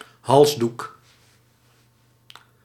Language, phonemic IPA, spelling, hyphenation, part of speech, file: Dutch, /ˈɦɑls.duk/, halsdoek, hals‧doek, noun, Nl-halsdoek.ogg
- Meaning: neckerchief